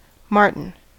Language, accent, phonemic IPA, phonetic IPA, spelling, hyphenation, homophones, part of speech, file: English, US, /ˈmɑɹ.tən/, [ˈmɑɹ.ʔn̩], marten, mar‧ten, martin, noun, En-us-marten.ogg
- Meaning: 1. Any carnivorous mammal of the genus Martes 2. Archaic form of martin (the bird)